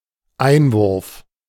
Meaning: 1. throw-in 2. insertion; opening 3. slit; slot 4. interjection (in a discussion)
- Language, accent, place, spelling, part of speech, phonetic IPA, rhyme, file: German, Germany, Berlin, Einwurf, noun, [ˈaɪ̯nˌvʊʁf], -aɪ̯nvʊʁf, De-Einwurf.ogg